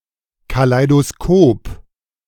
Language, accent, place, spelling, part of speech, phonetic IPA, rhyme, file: German, Germany, Berlin, Kaleidoskop, noun, [kalaɪ̯doˈskoːp], -oːp, De-Kaleidoskop.ogg
- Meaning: kaleidoscope